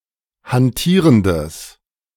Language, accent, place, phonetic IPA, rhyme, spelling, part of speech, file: German, Germany, Berlin, [hanˈtiːʁəndəs], -iːʁəndəs, hantierendes, adjective, De-hantierendes.ogg
- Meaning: strong/mixed nominative/accusative neuter singular of hantierend